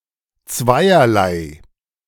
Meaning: In two manners, in a double sense
- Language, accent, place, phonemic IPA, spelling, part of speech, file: German, Germany, Berlin, /ˈtsvaɪ̯ɐlaɪ̯/, zweierlei, adverb, De-zweierlei.ogg